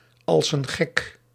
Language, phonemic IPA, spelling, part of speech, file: Dutch, /ɑls ən ɣɛk/, als een gek, prepositional phrase, Nl-als een gek.ogg
- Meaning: like crazy, like mad; generic intensifier, indicating that something occurs to a great or excessive degree